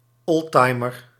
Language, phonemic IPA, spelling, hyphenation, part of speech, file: Dutch, /ˈɔlˌtɑi̯.mər/, oldtimer, old‧ti‧mer, noun, Nl-oldtimer.ogg
- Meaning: a vintage car or other vehicle